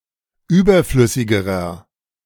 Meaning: inflection of überflüssig: 1. strong/mixed nominative masculine singular comparative degree 2. strong genitive/dative feminine singular comparative degree 3. strong genitive plural comparative degree
- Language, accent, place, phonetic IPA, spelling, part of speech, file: German, Germany, Berlin, [ˈyːbɐˌflʏsɪɡəʁɐ], überflüssigerer, adjective, De-überflüssigerer.ogg